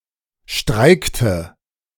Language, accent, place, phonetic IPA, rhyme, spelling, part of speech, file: German, Germany, Berlin, [ˈʃtʁaɪ̯ktə], -aɪ̯ktə, streikte, verb, De-streikte.ogg
- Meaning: inflection of streiken: 1. first/third-person singular preterite 2. first/third-person singular subjunctive II